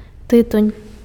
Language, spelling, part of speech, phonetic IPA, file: Belarusian, тытунь, noun, [tɨˈtunʲ], Be-тытунь.ogg
- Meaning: tobacco (plant and its leaves used for smoking)